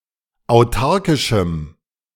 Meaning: strong dative masculine/neuter singular of autarkisch
- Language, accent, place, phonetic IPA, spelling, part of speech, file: German, Germany, Berlin, [aʊ̯ˈtaʁkɪʃm̩], autarkischem, adjective, De-autarkischem.ogg